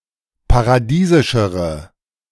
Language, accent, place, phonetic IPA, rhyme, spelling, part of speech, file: German, Germany, Berlin, [paʁaˈdiːzɪʃəʁə], -iːzɪʃəʁə, paradiesischere, adjective, De-paradiesischere.ogg
- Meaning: inflection of paradiesisch: 1. strong/mixed nominative/accusative feminine singular comparative degree 2. strong nominative/accusative plural comparative degree